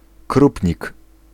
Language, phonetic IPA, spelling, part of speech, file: Polish, [ˈkrupʲɲik], krupnik, noun, Pl-krupnik.ogg